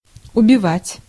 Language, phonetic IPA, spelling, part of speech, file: Russian, [ʊbʲɪˈvatʲ], убивать, verb, Ru-убивать.ogg
- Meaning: 1. to kill 2. to murder 3. to beat (in cards) 4. to drive to despair 5. to waste